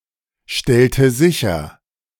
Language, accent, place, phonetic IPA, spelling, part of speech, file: German, Germany, Berlin, [ˌʃtɛltə ˈzɪçɐ], stellte sicher, verb, De-stellte sicher.ogg
- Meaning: inflection of sicherstellen: 1. first/third-person singular preterite 2. first/third-person singular subjunctive II